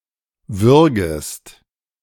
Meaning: second-person singular subjunctive I of würgen
- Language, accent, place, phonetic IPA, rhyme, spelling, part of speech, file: German, Germany, Berlin, [ˈvʏʁɡəst], -ʏʁɡəst, würgest, verb, De-würgest.ogg